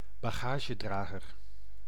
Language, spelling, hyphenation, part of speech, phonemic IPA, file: Dutch, bagagedrager, ba‧ga‧ge‧dra‧ger, noun, /baːˈɣaː.ʒəˌdraː.ɣər/, Nl-bagagedrager.ogg
- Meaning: 1. luggage carrier (on a bicycle), bike rack 2. roof rack (on a car)